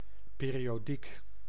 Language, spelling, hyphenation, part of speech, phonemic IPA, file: Dutch, periodiek, pe‧ri‧o‧diek, adjective / noun, /ˌperijoˈdik/, Nl-periodiek.ogg
- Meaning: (noun) periodical; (adjective) periodic; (adverb) periodically